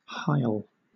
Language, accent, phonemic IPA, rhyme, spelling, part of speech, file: English, Southern England, /haɪl/, -aɪl, heil, verb / noun, LL-Q1860 (eng)-heil.wav
- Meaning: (verb) To greet with a Sieg Heil; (noun) A Sieg Heil